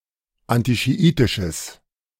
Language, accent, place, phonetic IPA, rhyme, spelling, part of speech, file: German, Germany, Berlin, [ˌantiʃiˈʔiːtɪʃəs], -iːtɪʃəs, antischiitisches, adjective, De-antischiitisches.ogg
- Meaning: strong/mixed nominative/accusative neuter singular of antischiitisch